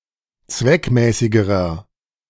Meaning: inflection of zweckmäßig: 1. strong/mixed nominative masculine singular comparative degree 2. strong genitive/dative feminine singular comparative degree 3. strong genitive plural comparative degree
- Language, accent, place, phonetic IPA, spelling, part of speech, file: German, Germany, Berlin, [ˈt͡svɛkˌmɛːsɪɡəʁɐ], zweckmäßigerer, adjective, De-zweckmäßigerer.ogg